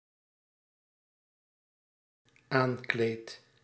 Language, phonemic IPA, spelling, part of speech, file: Dutch, /ˈaɲklet/, aankleed, verb, Nl-aankleed.ogg
- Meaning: first-person singular dependent-clause present indicative of aankleden